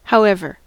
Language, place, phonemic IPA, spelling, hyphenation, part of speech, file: English, California, /haʊˈɛvɚ/, however, how‧ev‧er, adverb / conjunction, En-us-however.ogg
- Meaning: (adverb) 1. Nevertheless; yet, still; in spite of that 2. In contrast 3. Regardless of how; no matter how 4. Regardless of how; regardless of the way in which 5. In any way in which; how